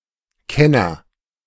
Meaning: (noun) expert, connoisseur; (proper noun) a surname
- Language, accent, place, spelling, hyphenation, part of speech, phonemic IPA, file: German, Germany, Berlin, Kenner, Ken‧ner, noun / proper noun, /ˈkɛnɐ/, De-Kenner.ogg